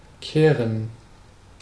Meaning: 1. to sweep 2. to turn (change the direction of movement) 3. to care about
- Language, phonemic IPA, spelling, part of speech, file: German, /ˈkeːrən/, kehren, verb, De-kehren.ogg